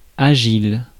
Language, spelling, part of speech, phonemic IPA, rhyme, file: French, agile, adjective, /a.ʒil/, -il, Fr-agile.ogg
- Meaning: nimble, agile (quick and light in movement or action)